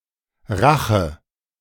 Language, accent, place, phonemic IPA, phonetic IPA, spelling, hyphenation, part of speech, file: German, Germany, Berlin, /ˈraxə/, [ˈʁäχə], Rache, Ra‧che, noun, De-Rache.ogg
- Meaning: revenge; vengeance